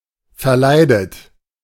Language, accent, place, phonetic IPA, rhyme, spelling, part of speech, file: German, Germany, Berlin, [fɛɐ̯ˈlaɪ̯dət], -aɪ̯dət, verleidet, verb, De-verleidet.ogg
- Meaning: past participle of verleiden